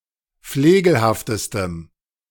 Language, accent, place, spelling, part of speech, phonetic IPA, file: German, Germany, Berlin, flegelhaftestem, adjective, [ˈfleːɡl̩haftəstəm], De-flegelhaftestem.ogg
- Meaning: strong dative masculine/neuter singular superlative degree of flegelhaft